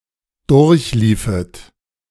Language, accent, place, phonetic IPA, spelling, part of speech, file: German, Germany, Berlin, [ˈdʊʁçˌliːfət], durchliefet, verb, De-durchliefet.ogg
- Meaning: second-person plural subjunctive II of durchlaufen